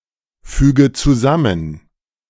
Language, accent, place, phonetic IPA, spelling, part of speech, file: German, Germany, Berlin, [ˌfyːɡə t͡suˈzamən], füge zusammen, verb, De-füge zusammen.ogg
- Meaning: inflection of zusammenfügen: 1. first-person singular present 2. first/third-person singular subjunctive I 3. singular imperative